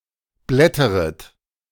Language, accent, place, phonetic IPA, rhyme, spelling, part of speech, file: German, Germany, Berlin, [ˈblɛtəʁət], -ɛtəʁət, blätteret, verb, De-blätteret.ogg
- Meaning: second-person plural subjunctive I of blättern